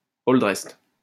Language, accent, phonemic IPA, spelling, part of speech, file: French, France, /ɔl.dʁɛst/, all dressed, adjective, LL-Q150 (fra)-all dressed.wav
- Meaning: deluxe, with pepperoni, mushrooms and green peppers: toute garnie